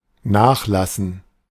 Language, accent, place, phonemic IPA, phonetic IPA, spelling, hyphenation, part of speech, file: German, Germany, Berlin, /ˈnaːxˌlasən/, [ˈnaːχˌlasn̩], nachlassen, nach‧las‧sen, verb, De-nachlassen.ogg
- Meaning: 1. to subside, abate, taper off 2. to let up, to ease off 3. to discount, mark down 4. desist, to stop doing something